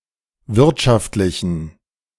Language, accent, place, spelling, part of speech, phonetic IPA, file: German, Germany, Berlin, wirtschaftlichen, adjective, [ˈvɪʁtʃaftlɪçn̩], De-wirtschaftlichen.ogg
- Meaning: inflection of wirtschaftlich: 1. strong genitive masculine/neuter singular 2. weak/mixed genitive/dative all-gender singular 3. strong/weak/mixed accusative masculine singular 4. strong dative plural